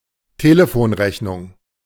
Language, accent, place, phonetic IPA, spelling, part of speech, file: German, Germany, Berlin, [teləˈfoːnˌʁɛçnʊŋ], Telefonrechnung, noun, De-Telefonrechnung.ogg
- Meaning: telephone bill